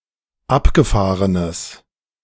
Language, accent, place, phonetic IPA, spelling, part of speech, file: German, Germany, Berlin, [ˈapɡəˌfaːʁənəs], abgefahrenes, adjective, De-abgefahrenes.ogg
- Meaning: strong/mixed nominative/accusative neuter singular of abgefahren